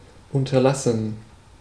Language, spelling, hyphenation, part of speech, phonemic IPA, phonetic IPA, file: German, unterlassen, un‧ter‧las‧sen, verb, /ˌʊntəʁˈlasən/, [ˌʔʊntɐˈlasn̩], De-unterlassen.ogg
- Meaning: 1. to refrain from, to eschew; to forbear, to stop doing something 2. to fail to do something (either by intent or carelessness)